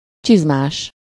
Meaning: booted (having boots)
- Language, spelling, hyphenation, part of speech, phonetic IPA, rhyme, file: Hungarian, csizmás, csiz‧más, adjective, [ˈt͡ʃizmaːʃ], -aːʃ, Hu-csizmás.ogg